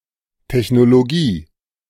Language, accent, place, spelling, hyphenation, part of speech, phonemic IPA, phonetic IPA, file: German, Germany, Berlin, Technologie, Tech‧no‧lo‧gie, noun, /tɛç.no.loˈɡiː/, [tʰɛç.no.loˈɡiː], De-Technologie.ogg
- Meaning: technology